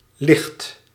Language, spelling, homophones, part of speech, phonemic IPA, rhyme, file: Dutch, ligt, licht, verb, /lɪxt/, -ɪxt, Nl-ligt.ogg
- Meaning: inflection of liggen: 1. second/third-person singular present indicative 2. plural imperative